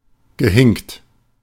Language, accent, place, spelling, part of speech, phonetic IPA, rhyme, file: German, Germany, Berlin, gehinkt, verb, [ɡəˈhɪŋkt], -ɪŋkt, De-gehinkt.ogg
- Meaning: past participle of hinken